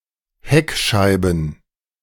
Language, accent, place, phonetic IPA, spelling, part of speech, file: German, Germany, Berlin, [ˈhɛkʃaɪ̯bn̩], Heckscheiben, noun, De-Heckscheiben.ogg
- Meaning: plural of Heckscheibe